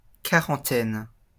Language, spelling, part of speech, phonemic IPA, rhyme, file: French, quarantaine, noun, /ka.ʁɑ̃.tɛn/, -ɛn, LL-Q150 (fra)-quarantaine.wav
- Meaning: 1. a number or group of or about forty 2. one's forties (period of life between ages 40 and 49) 3. quarantine (isolation to prevent contamination)